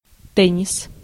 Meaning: tennis
- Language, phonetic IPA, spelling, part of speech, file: Russian, [ˈtɛnʲɪs], теннис, noun, Ru-теннис.ogg